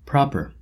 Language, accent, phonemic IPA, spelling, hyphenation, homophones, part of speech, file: English, US, /ˈpɹɑ.pɚ/, propper, prop‧per, proper, noun, En-us-propper.oga
- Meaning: One who or that which props